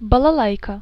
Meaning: balalaika
- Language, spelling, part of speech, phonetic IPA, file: Russian, балалайка, noun, [bəɫɐˈɫajkə], Ru-балалайка.ogg